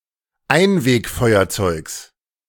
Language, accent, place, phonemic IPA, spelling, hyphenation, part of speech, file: German, Germany, Berlin, /ˈaɪ̯nveːkˌfɔɪ̯ɐt͡sɔɪ̯ks/, Einwegfeuerzeugs, Ein‧weg‧feu‧er‧zeugs, noun, De-Einwegfeuerzeugs.ogg
- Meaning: genitive singular of Einwegfeuerzeug